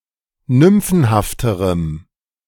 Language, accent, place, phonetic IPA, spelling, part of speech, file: German, Germany, Berlin, [ˈnʏmfn̩haftəʁəm], nymphenhafterem, adjective, De-nymphenhafterem.ogg
- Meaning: strong dative masculine/neuter singular comparative degree of nymphenhaft